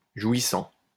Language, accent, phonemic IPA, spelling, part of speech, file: French, France, /ʒwi.sɑ̃/, jouissant, verb, LL-Q150 (fra)-jouissant.wav
- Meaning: present participle of jouir